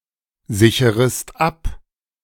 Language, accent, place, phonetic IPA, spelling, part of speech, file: German, Germany, Berlin, [ˌzɪçəʁəst ˈap], sicherest ab, verb, De-sicherest ab.ogg
- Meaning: second-person singular subjunctive I of absichern